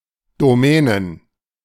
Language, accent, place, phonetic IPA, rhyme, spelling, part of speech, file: German, Germany, Berlin, [doˈmɛːnən], -ɛːnən, Domänen, noun, De-Domänen.ogg
- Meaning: plural of Domäne